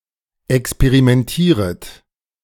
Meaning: second-person plural subjunctive I of experimentieren
- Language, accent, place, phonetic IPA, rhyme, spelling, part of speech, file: German, Germany, Berlin, [ɛkspeʁimɛnˈtiːʁət], -iːʁət, experimentieret, verb, De-experimentieret.ogg